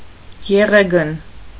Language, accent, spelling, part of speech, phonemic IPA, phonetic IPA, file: Armenian, Eastern Armenian, եղեգն, noun, /jeˈʁeɡən/, [jeʁéɡən], Hy-եղեգն.ogg
- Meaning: alternative form of եղեգ (eġeg)